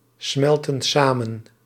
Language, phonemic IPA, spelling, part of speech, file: Dutch, /ˈsmɛltə(n) ˈsamə(n)/, smelten samen, verb, Nl-smelten samen.ogg
- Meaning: inflection of samensmelten: 1. plural present indicative 2. plural present subjunctive